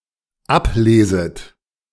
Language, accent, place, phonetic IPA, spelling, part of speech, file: German, Germany, Berlin, [ˈapˌleːzət], ableset, verb, De-ableset.ogg
- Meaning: second-person plural dependent subjunctive I of ablesen